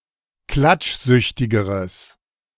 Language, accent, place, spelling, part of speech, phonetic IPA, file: German, Germany, Berlin, klatschsüchtigeres, adjective, [ˈklat͡ʃˌzʏçtɪɡəʁəs], De-klatschsüchtigeres.ogg
- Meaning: strong/mixed nominative/accusative neuter singular comparative degree of klatschsüchtig